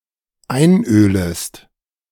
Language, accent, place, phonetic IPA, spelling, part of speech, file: German, Germany, Berlin, [ˈaɪ̯nˌʔøːləst], einölest, verb, De-einölest.ogg
- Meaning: second-person singular dependent subjunctive I of einölen